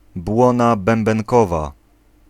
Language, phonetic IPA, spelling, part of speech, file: Polish, [ˈbwɔ̃na ˌbɛ̃mbɛ̃ŋˈkɔva], błona bębenkowa, noun, Pl-błona bębenkowa.ogg